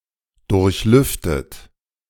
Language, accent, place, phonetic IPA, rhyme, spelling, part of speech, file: German, Germany, Berlin, [ˌdʊʁçˈlʏftət], -ʏftət, durchlüftet, verb, De-durchlüftet.ogg
- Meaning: past participle of durchlüften